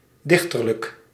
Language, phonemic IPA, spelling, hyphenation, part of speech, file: Dutch, /ˈdɪx.tər.lək/, dichterlijk, dich‧ter‧lijk, adjective, Nl-dichterlijk.ogg
- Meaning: poetic